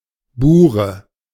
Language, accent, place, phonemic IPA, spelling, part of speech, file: German, Germany, Berlin, /buːʁə/, Bure, noun, De-Bure.ogg
- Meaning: Boer